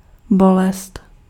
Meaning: pain
- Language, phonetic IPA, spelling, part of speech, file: Czech, [ˈbolɛst], bolest, noun, Cs-bolest.ogg